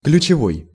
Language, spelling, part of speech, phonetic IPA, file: Russian, ключевой, adjective, [klʲʉt͡ɕɪˈvoj], Ru-ключевой.ogg
- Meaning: 1. key, crucial 2. spring (source of water)